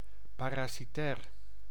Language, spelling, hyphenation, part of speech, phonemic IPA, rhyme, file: Dutch, parasitair, pa‧ra‧si‧tair, adjective, /ˌpaː.raː.siˈtɛːr/, -ɛːr, Nl-parasitair.ogg
- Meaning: parasitic